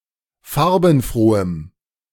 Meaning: strong dative masculine/neuter singular of farbenfroh
- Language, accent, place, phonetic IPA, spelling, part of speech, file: German, Germany, Berlin, [ˈfaʁbn̩ˌfʁoːəm], farbenfrohem, adjective, De-farbenfrohem.ogg